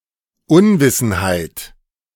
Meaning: ignorance
- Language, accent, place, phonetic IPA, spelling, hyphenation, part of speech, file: German, Germany, Berlin, [ˈʊnvɪsn̩ˌhaɪ̯t], Unwissenheit, Un‧wis‧sen‧heit, noun, De-Unwissenheit.ogg